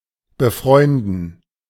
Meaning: to befriend, to become friends with, to make friends with
- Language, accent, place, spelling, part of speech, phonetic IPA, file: German, Germany, Berlin, befreunden, verb, [bəˈfʁɔɪ̯ndn̩], De-befreunden.ogg